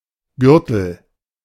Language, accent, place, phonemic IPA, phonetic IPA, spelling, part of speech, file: German, Germany, Berlin, /ˈɡʏʁtəl/, [ˈɡʏɐ̯tl̩], Gürtel, noun, De-Gürtel.ogg
- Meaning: 1. belt (band worn around the waist) 2. belt; strip (e.g. of villages around a city, etc.)